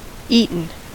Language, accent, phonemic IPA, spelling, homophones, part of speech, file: English, US, /ˈiː.tn̩/, eaten, Eaton / Eton / eating, verb / adjective, En-us-eaten.ogg
- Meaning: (verb) past participle of eat; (adjective) Having been consumed by eating